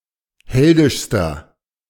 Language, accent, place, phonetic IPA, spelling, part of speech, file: German, Germany, Berlin, [ˈhɛldɪʃstɐ], heldischster, adjective, De-heldischster.ogg
- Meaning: inflection of heldisch: 1. strong/mixed nominative masculine singular superlative degree 2. strong genitive/dative feminine singular superlative degree 3. strong genitive plural superlative degree